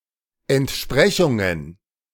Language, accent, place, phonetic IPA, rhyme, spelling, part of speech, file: German, Germany, Berlin, [ɛntˈʃpʁɛçʊŋən], -ɛçʊŋən, Entsprechungen, noun, De-Entsprechungen.ogg
- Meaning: plural of Entsprechung